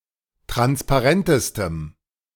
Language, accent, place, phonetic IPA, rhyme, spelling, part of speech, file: German, Germany, Berlin, [ˌtʁanspaˈʁɛntəstəm], -ɛntəstəm, transparentestem, adjective, De-transparentestem.ogg
- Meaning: strong dative masculine/neuter singular superlative degree of transparent